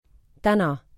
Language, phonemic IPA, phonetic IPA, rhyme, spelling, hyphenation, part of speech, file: Estonian, /ˈtænɑ/, [ˈtænɑ], -ænɑ, täna, tä‧na, adverb / noun / verb, Et-täna.ogg
- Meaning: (adverb) 1. today 2. today: nowadays; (verb) second-person singular present imperative of tänama